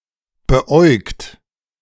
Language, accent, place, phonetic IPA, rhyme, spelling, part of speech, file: German, Germany, Berlin, [bəˈʔɔɪ̯kt], -ɔɪ̯kt, beäugt, verb, De-beäugt.ogg
- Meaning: past participle of beäugen